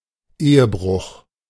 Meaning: adultery
- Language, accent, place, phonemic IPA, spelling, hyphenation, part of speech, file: German, Germany, Berlin, /ˈeːəˌbʁʊx/, Ehebruch, Ehe‧bruch, noun, De-Ehebruch.ogg